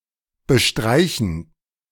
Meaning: 1. to spread, to coat, to apply (e.g., paint, cream, ointment, etc.) 2. to spread, to brush
- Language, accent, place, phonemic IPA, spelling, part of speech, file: German, Germany, Berlin, /bəˈʃtʁaɪ̯.çən/, bestreichen, verb, De-bestreichen.ogg